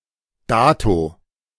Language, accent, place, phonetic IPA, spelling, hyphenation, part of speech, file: German, Germany, Berlin, [ˈdaːto], dato, da‧to, adverb, De-dato.ogg
- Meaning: the given date